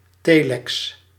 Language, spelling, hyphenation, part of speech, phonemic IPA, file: Dutch, telex, te‧lex, noun, /ˈteː.lɛks/, Nl-telex.ogg
- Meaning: telex